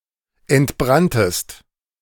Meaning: second-person singular preterite of entbrennen
- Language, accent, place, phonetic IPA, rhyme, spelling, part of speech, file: German, Germany, Berlin, [ɛntˈbʁantəst], -antəst, entbranntest, verb, De-entbranntest.ogg